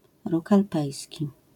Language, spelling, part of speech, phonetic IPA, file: Polish, róg alpejski, noun, [ˈruk alˈpɛjsʲci], LL-Q809 (pol)-róg alpejski.wav